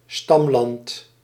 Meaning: land of origin
- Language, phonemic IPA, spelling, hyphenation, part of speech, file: Dutch, /ˈstɑm.lɑnt/, stamland, stam‧land, noun, Nl-stamland.ogg